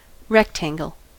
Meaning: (noun) Any quadrilateral having opposing sides parallel and four right angles
- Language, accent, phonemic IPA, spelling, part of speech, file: English, US, /ˈrɛktæŋɡl̩/, rectangle, noun / adjective, En-us-rectangle.ogg